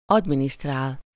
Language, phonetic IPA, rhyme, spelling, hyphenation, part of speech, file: Hungarian, [ˈɒdministraːl], -aːl, adminisztrál, ad‧mi‧niszt‧rál, verb, Hu-adminisztrál.ogg
- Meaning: to administrate, administer